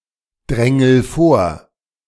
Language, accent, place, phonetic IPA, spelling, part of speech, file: German, Germany, Berlin, [ˌdʁɛŋl̩ ˈfoːɐ̯], drängel vor, verb, De-drängel vor.ogg
- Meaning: inflection of vordrängeln: 1. first-person singular present 2. singular imperative